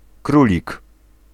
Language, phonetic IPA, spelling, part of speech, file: Polish, [ˈkrulʲik], królik, noun, Pl-królik.ogg